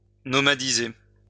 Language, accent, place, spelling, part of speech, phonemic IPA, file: French, France, Lyon, nomadiser, verb, /nɔ.ma.di.ze/, LL-Q150 (fra)-nomadiser.wav
- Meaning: to nomadize